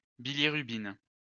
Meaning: bilirubin
- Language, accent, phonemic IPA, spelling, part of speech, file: French, France, /bi.li.ʁy.bin/, bilirubine, noun, LL-Q150 (fra)-bilirubine.wav